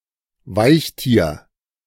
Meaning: mollusc
- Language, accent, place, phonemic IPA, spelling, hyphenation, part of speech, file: German, Germany, Berlin, /ˈvaɪ̯çˌtiːɐ̯/, Weichtier, Weich‧tier, noun, De-Weichtier.ogg